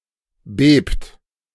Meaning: inflection of beben: 1. third-person singular present 2. second-person plural present 3. plural imperative
- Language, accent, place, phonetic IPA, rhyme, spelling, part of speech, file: German, Germany, Berlin, [beːpt], -eːpt, bebt, verb, De-bebt.ogg